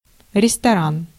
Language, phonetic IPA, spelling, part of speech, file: Russian, [rʲɪstɐˈran], ресторан, noun, Ru-ресторан.ogg
- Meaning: restaurant